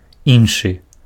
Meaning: other
- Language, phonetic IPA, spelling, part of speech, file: Belarusian, [ˈjinʂɨ], іншы, adjective, Be-іншы.ogg